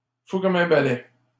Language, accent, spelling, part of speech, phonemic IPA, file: French, Canada, fou comme un balai, adjective, /fu kɔm œ̃ ba.lɛ/, LL-Q150 (fra)-fou comme un balai.wav
- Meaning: very agitated out of excitation or anxiousness